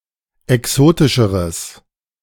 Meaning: strong/mixed nominative/accusative neuter singular comparative degree of exotisch
- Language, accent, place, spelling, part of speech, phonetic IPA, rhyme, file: German, Germany, Berlin, exotischeres, adjective, [ɛˈksoːtɪʃəʁəs], -oːtɪʃəʁəs, De-exotischeres.ogg